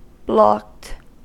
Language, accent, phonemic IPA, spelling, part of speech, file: English, US, /blɑkt/, blocked, adjective / verb, En-us-blocked.ogg
- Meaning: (adjective) 1. Obstructed, so that through movement or flow is prevented or impeded 2. Unable to move owing to an obstruction 3. Banned or barred from connecting or logging on